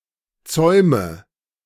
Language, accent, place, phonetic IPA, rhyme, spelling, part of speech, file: German, Germany, Berlin, [ˈt͡sɔɪ̯mə], -ɔɪ̯mə, Zäume, noun, De-Zäume.ogg
- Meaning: nominative/accusative/genitive plural of Zaum